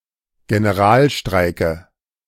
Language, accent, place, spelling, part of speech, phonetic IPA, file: German, Germany, Berlin, Generalstreike, noun, [ɡenəˈʁaːlˌʃtʁaɪ̯kə], De-Generalstreike.ogg
- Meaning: dative singular of Generalstreik